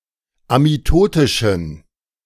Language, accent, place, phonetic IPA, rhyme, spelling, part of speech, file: German, Germany, Berlin, [amiˈtoːtɪʃn̩], -oːtɪʃn̩, amitotischen, adjective, De-amitotischen.ogg
- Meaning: inflection of amitotisch: 1. strong genitive masculine/neuter singular 2. weak/mixed genitive/dative all-gender singular 3. strong/weak/mixed accusative masculine singular 4. strong dative plural